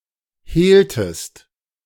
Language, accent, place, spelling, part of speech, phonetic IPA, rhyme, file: German, Germany, Berlin, hehltest, verb, [ˈheːltəst], -eːltəst, De-hehltest.ogg
- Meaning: inflection of hehlen: 1. second-person singular preterite 2. second-person singular subjunctive II